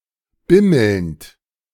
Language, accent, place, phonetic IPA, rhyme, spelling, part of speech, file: German, Germany, Berlin, [ˈbɪml̩nt], -ɪml̩nt, bimmelnd, verb, De-bimmelnd.ogg
- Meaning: present participle of bimmeln